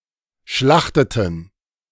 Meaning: inflection of schlachten: 1. first/third-person plural preterite 2. first/third-person plural subjunctive II
- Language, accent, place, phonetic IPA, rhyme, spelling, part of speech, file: German, Germany, Berlin, [ˈʃlaxtətn̩], -axtətn̩, schlachteten, verb, De-schlachteten.ogg